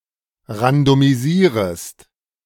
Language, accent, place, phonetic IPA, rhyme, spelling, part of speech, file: German, Germany, Berlin, [ʁandomiˈziːʁəst], -iːʁəst, randomisierest, verb, De-randomisierest.ogg
- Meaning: second-person singular subjunctive I of randomisieren